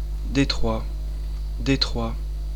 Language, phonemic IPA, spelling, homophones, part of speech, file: French, /de.tʁwa/, Detroit, détroit / Détroit, proper noun, Fr-Detroit.oga
- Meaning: Detroit; alternative form of Détroit: 1. a city in Michigan, United States 2. a river in Michigan, United States and Ontario, Canada